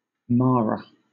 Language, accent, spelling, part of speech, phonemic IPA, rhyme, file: English, Southern England, mara, noun, /ˈmɑːɹə/, -ɑːɹə, LL-Q1860 (eng)-mara.wav